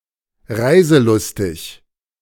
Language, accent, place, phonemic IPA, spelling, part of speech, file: German, Germany, Berlin, /ˈʁaɪ̯zəˌlʊstɪç/, reiselustig, adjective, De-reiselustig.ogg
- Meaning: fond of travelling